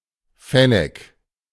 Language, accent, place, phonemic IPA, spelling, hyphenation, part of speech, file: German, Germany, Berlin, /ˈfɛnɛk/, Fennek, Fen‧nek, noun, De-Fennek.ogg
- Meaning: fennec, fennec fox, (Vulpes zerda, was Fennecus zerda)